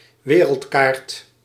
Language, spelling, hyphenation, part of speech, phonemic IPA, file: Dutch, wereldkaart, we‧reld‧kaart, noun, /ˈʋeː.rəltˌkaːrt/, Nl-wereldkaart.ogg
- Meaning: world map